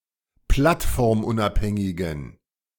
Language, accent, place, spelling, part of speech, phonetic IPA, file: German, Germany, Berlin, plattformunabhängigen, adjective, [ˈplatfɔʁmˌʔʊnʔaphɛŋɪɡn̩], De-plattformunabhängigen.ogg
- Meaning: inflection of plattformunabhängig: 1. strong genitive masculine/neuter singular 2. weak/mixed genitive/dative all-gender singular 3. strong/weak/mixed accusative masculine singular